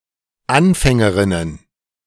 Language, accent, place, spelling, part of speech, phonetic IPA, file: German, Germany, Berlin, Anfängerinnen, noun, [ˈanfɛŋəˌʁɪnən], De-Anfängerinnen.ogg
- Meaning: plural of Anfängerin